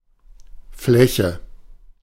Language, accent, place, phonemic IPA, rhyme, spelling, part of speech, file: German, Germany, Berlin, /ˈflɛçə/, -ɛçə, Fläche, noun, De-Fläche.ogg
- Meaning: 1. surface 2. surface, a two-dimensional manifold 3. flat, plain